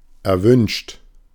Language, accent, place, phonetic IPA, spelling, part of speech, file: German, Germany, Berlin, [ɛɐ̯ˈvʏnʃt], erwünscht, adjective / verb, De-erwünscht.ogg
- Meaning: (verb) past participle of erwünschen; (adjective) desirable, desired, wanted